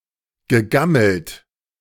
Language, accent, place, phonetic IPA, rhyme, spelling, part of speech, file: German, Germany, Berlin, [ɡəˈɡaml̩t], -aml̩t, gegammelt, verb, De-gegammelt.ogg
- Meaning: past participle of gammeln